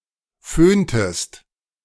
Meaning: inflection of föhnen: 1. second-person singular preterite 2. second-person singular subjunctive II
- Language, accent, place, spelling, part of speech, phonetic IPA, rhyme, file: German, Germany, Berlin, föhntest, verb, [ˈføːntəst], -øːntəst, De-föhntest.ogg